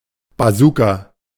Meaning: bazooka (type of anti-tank rocket launcher)
- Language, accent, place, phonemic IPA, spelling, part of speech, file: German, Germany, Berlin, /baˈzuːka/, Bazooka, noun, De-Bazooka.ogg